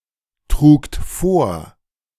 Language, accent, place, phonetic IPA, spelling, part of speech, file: German, Germany, Berlin, [ˌtʁuːkt ˈfoːɐ̯], trugt vor, verb, De-trugt vor.ogg
- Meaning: second-person plural preterite of vortragen